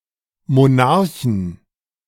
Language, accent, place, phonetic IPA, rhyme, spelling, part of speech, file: German, Germany, Berlin, [moˈnaʁçn̩], -aʁçn̩, Monarchen, noun, De-Monarchen.ogg
- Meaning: inflection of Monarch: 1. genitive/dative/accusative singular 2. nominative/genitive/dative/accusative plural